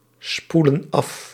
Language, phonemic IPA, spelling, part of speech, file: Dutch, /ˈspulə(n) ˈɑf/, spoelen af, verb, Nl-spoelen af.ogg
- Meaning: inflection of afspoelen: 1. plural present indicative 2. plural present subjunctive